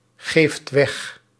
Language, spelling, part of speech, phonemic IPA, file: Dutch, geeft weg, verb, /ˈɣeft ˈwɛx/, Nl-geeft weg.ogg
- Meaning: inflection of weggeven: 1. second/third-person singular present indicative 2. plural imperative